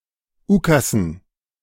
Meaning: dative plural of Ukas
- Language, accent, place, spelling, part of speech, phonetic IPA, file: German, Germany, Berlin, Ukassen, noun, [ˈuːkasn̩], De-Ukassen.ogg